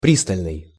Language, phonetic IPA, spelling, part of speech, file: Russian, [ˈprʲistəlʲnɨj], пристальный, adjective, Ru-пристальный.ogg
- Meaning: 1. intent (look) 2. rapt, steadfast (attention)